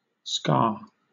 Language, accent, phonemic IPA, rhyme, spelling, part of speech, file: English, Southern England, /skɑː/, -ɑː, ska, noun, LL-Q1860 (eng)-ska.wav
- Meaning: A style of Jamaican dance music originating in the late 1950s, combining elements of Caribbean calypso and mento with American jazz and rhythm and blues; it was the precursor to rocksteady and reggae